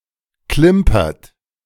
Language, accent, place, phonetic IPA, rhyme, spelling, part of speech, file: German, Germany, Berlin, [ˈklɪmpɐt], -ɪmpɐt, klimpert, verb, De-klimpert.ogg
- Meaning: inflection of klimpern: 1. second-person plural present 2. third-person singular present 3. plural imperative